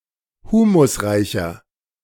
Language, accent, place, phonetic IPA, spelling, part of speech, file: German, Germany, Berlin, [ˈhuːmʊsˌʁaɪ̯çɐ], humusreicher, adjective, De-humusreicher.ogg
- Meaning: 1. comparative degree of humusreich 2. inflection of humusreich: strong/mixed nominative masculine singular 3. inflection of humusreich: strong genitive/dative feminine singular